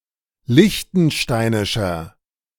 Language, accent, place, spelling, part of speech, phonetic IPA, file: German, Germany, Berlin, liechtensteinischer, adjective, [ˈlɪçtn̩ˌʃtaɪ̯nɪʃɐ], De-liechtensteinischer.ogg
- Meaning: inflection of liechtensteinisch: 1. strong/mixed nominative masculine singular 2. strong genitive/dative feminine singular 3. strong genitive plural